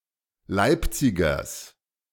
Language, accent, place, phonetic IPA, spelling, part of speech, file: German, Germany, Berlin, [ˈlaɪ̯pˌt͡sɪɡɐs], Leipzigers, noun, De-Leipzigers.ogg
- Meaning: genitive singular of Leipziger